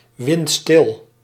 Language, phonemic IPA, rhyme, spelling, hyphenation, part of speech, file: Dutch, /ʋɪntˈstɪl/, -ɪl, windstil, wind‧stil, adjective, Nl-windstil.ogg
- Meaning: calm, windless